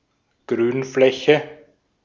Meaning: green space
- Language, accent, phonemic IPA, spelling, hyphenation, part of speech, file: German, Austria, /ˈɡʁyːnˌflɛçə/, Grünfläche, Grün‧flä‧che, noun, De-at-Grünfläche.ogg